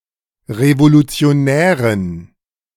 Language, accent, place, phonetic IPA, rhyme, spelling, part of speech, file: German, Germany, Berlin, [ʁevolut͡si̯oˈnɛːʁən], -ɛːʁən, revolutionären, adjective, De-revolutionären.ogg
- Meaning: inflection of revolutionär: 1. strong genitive masculine/neuter singular 2. weak/mixed genitive/dative all-gender singular 3. strong/weak/mixed accusative masculine singular 4. strong dative plural